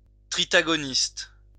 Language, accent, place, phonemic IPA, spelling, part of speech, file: French, France, Lyon, /tʁi.ta.ɡɔ.nist/, tritagoniste, noun, LL-Q150 (fra)-tritagoniste.wav
- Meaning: tritagonist